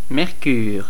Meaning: 1. Mercury (planet) 2. Mercury (Roman god)
- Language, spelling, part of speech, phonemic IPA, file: French, Mercure, proper noun, /mɛʁ.kyʁ/, Fr-Mercure.ogg